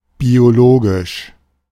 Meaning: 1. biological (of biology) 2. organic (of food or food products)
- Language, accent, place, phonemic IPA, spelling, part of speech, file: German, Germany, Berlin, /ˌbioˈloːɡɪʃ/, biologisch, adjective, De-biologisch.ogg